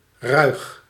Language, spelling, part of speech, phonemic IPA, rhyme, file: Dutch, ruig, adjective, /rœy̯x/, -œy̯x, Nl-ruig.ogg
- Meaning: 1. rough, rugged, bristly 2. raucous, boisterous